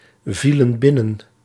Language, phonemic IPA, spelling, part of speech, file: Dutch, /ˈvilə(n) ˈbɪnən/, vielen binnen, verb, Nl-vielen binnen.ogg
- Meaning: inflection of binnenvallen: 1. plural past indicative 2. plural past subjunctive